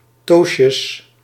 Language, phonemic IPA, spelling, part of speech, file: Dutch, /ˈtos(t)jəs/, toastjes, noun, Nl-toastjes.ogg
- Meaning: plural of toastje